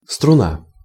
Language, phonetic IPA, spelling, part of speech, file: Russian, [strʊˈna], струна, noun, Ru-струна.ogg
- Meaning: 1. a string (such as that of a musical instrument or a tennis racket) 2. a major and relatively straight intra-city highway